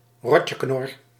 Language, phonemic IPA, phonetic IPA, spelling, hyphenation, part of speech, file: Dutch, /ˈrɔ.tjəˌknɔr/, [ˈrɔ.cəˌknɔr], Rotjeknor, Rot‧je‧knor, proper noun, Nl-Rotjeknor.ogg
- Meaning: Nickname for Rotterdam